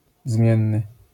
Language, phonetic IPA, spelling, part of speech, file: Polish, [ˈzmʲjɛ̃nːɨ], zmienny, adjective, LL-Q809 (pol)-zmienny.wav